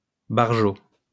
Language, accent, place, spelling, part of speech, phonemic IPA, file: French, France, Lyon, barjo, adjective / noun, /baʁ.ʒo/, LL-Q150 (fra)-barjo.wav
- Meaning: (adjective) alternative spelling of barjot